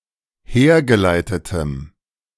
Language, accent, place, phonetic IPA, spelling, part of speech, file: German, Germany, Berlin, [ˈheːɐ̯ɡəˌlaɪ̯tətəm], hergeleitetem, adjective, De-hergeleitetem.ogg
- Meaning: strong dative masculine/neuter singular of hergeleitet